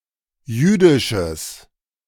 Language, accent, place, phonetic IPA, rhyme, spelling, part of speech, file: German, Germany, Berlin, [ˈjyːdɪʃəs], -yːdɪʃəs, jüdisches, adjective, De-jüdisches.ogg
- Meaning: strong/mixed nominative/accusative neuter singular of jüdisch